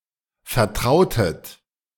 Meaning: inflection of vertrauen: 1. second-person plural preterite 2. second-person plural subjunctive II
- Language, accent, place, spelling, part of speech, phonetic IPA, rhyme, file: German, Germany, Berlin, vertrautet, verb, [fɛɐ̯ˈtʁaʊ̯tət], -aʊ̯tət, De-vertrautet.ogg